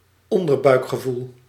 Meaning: gut feeling, visceral feeling, often construed as prejudiced
- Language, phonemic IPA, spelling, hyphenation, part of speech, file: Dutch, /ˈɔn.dər.bœy̯k.xəˌvul/, onderbuikgevoel, on‧der‧buik‧ge‧voel, noun, Nl-onderbuikgevoel.ogg